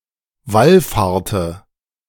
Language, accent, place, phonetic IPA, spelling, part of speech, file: German, Germany, Berlin, [ˈvalˌfaːɐ̯tə], wallfahrte, verb, De-wallfahrte.ogg
- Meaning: inflection of wallfahren: 1. first/third-person singular preterite 2. first/third-person singular subjunctive II